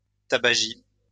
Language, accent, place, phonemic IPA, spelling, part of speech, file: French, France, Lyon, /ta.ba.ʒi/, tabagie, noun, LL-Q150 (fra)-tabagie.wav
- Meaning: 1. smoking den 2. tobacconist, tobacco shop